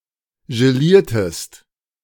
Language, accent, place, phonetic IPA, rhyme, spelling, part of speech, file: German, Germany, Berlin, [ʒeˈliːɐ̯təst], -iːɐ̯təst, geliertest, verb, De-geliertest.ogg
- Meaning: inflection of gelieren: 1. second-person singular preterite 2. second-person singular subjunctive II